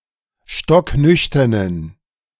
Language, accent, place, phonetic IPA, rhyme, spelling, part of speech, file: German, Germany, Berlin, [ˌʃtɔkˈnʏçtɐnən], -ʏçtɐnən, stocknüchternen, adjective, De-stocknüchternen.ogg
- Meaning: inflection of stocknüchtern: 1. strong genitive masculine/neuter singular 2. weak/mixed genitive/dative all-gender singular 3. strong/weak/mixed accusative masculine singular 4. strong dative plural